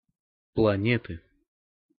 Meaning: inflection of плане́та (planéta): 1. genitive singular 2. nominative/accusative plural
- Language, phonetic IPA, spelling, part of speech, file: Russian, [pɫɐˈnʲetɨ], планеты, noun, Ru-планеты.ogg